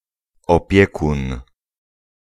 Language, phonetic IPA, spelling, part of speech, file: Polish, [ɔˈpʲjɛkũn], opiekun, noun, Pl-opiekun.ogg